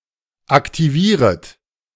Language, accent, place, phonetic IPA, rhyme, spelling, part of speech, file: German, Germany, Berlin, [aktiˈviːʁət], -iːʁət, aktivieret, verb, De-aktivieret.ogg
- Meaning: second-person plural subjunctive I of aktivieren